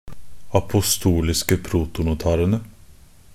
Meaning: definite plural of apostolisk protonotar
- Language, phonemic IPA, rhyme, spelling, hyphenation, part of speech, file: Norwegian Bokmål, /apʊˈstuːlɪskə pruːtʊnʊˈtɑːrənə/, -ənə, apostoliske protonotarene, a‧po‧sto‧lis‧ke pro‧to‧no‧ta‧re‧ne, noun, Nb-apostoliske protonotarene.ogg